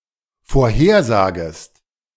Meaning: second-person singular dependent subjunctive I of vorhersagen
- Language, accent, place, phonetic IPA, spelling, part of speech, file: German, Germany, Berlin, [foːɐ̯ˈheːɐ̯ˌzaːɡəst], vorhersagest, verb, De-vorhersagest.ogg